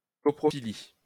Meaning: coprophilia
- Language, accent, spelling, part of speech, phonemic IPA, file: French, France, coprophilie, noun, /kɔ.pʁɔ.fi.li/, LL-Q150 (fra)-coprophilie.wav